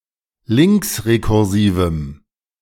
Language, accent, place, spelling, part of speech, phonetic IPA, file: German, Germany, Berlin, linksrekursivem, adjective, [ˈlɪŋksʁekʊʁˌziːvəm], De-linksrekursivem.ogg
- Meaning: strong dative masculine/neuter singular of linksrekursiv